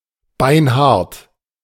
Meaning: bone hard, very hard, very tough
- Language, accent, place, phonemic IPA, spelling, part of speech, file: German, Germany, Berlin, /ˈbaɪ̯nˈhaʁt/, beinhart, adjective, De-beinhart.ogg